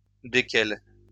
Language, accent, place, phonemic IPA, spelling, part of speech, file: French, France, Lyon, /de.kɛl/, desquelles, pronoun, LL-Q150 (fra)-desquelles.wav
- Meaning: feminine plural of duquel